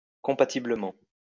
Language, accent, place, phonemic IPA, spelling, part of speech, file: French, France, Lyon, /kɔ̃.pa.ti.blə.mɑ̃/, compatiblement, adverb, LL-Q150 (fra)-compatiblement.wav
- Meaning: compatibly